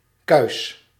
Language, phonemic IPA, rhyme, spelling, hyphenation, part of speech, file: Dutch, /kœy̯s/, -œy̯s, kuis, kuis, adjective / noun / verb, Nl-kuis.ogg
- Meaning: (adjective) chaste, morally pure, clean, virgin; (noun) 1. a cleansing, cleaning(-up) 2. a (bovine) calf, notably under 9 months old 3. a pig 4. a (playing) marble